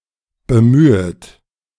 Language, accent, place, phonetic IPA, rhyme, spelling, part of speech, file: German, Germany, Berlin, [bəˈmyːət], -yːət, bemühet, verb, De-bemühet.ogg
- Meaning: second-person plural subjunctive I of bemühen